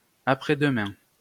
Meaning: the day after tomorrow
- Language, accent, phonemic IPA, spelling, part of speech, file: French, France, /a.pʁɛ.d(ə).mɛ̃/, après-demain, adverb, LL-Q150 (fra)-après-demain.wav